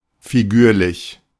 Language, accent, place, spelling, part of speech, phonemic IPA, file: German, Germany, Berlin, figürlich, adjective / adverb, /fiˈɡyːɐ̯lɪç/, De-figürlich.ogg
- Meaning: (adjective) 1. figurative 2. figured; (adverb) 1. figuratively 2. concerning someone's figure/physique